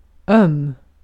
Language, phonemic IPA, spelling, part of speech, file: Swedish, /œm/, öm, adjective, Sv-öm.ogg
- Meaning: 1. sore, tender, sensitive 2. tender, sensitive, gentle